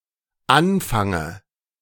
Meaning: dative singular of Anfang
- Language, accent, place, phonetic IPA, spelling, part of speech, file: German, Germany, Berlin, [ˈanfaŋə], Anfange, noun, De-Anfange.ogg